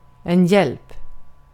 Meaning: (noun) 1. help (something or someone that helps) 2. help (something or someone that helps): assistance 3. help (something or someone that helps): aid
- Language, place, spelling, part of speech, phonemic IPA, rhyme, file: Swedish, Gotland, hjälp, noun / interjection / verb, /jɛlp/, -ɛlp, Sv-hjälp.ogg